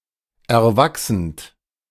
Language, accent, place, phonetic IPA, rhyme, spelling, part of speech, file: German, Germany, Berlin, [ɛɐ̯ˈvaksn̩t], -aksn̩t, erwachsend, verb, De-erwachsend.ogg
- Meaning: present participle of erwachsen